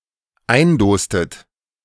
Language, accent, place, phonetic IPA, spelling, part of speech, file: German, Germany, Berlin, [ˈaɪ̯nˌdoːstət], eindostet, verb, De-eindostet.ogg
- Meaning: inflection of eindosen: 1. second-person plural dependent preterite 2. second-person plural dependent subjunctive II